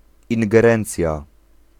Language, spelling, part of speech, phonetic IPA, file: Polish, ingerencja, noun, [ˌĩŋɡɛˈrɛ̃nt͡sʲja], Pl-ingerencja.ogg